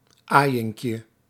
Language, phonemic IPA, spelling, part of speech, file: Dutch, /ˈajɪŋkjə/, aaiinkje, noun, Nl-aaiinkje.ogg
- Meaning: diminutive of aaiing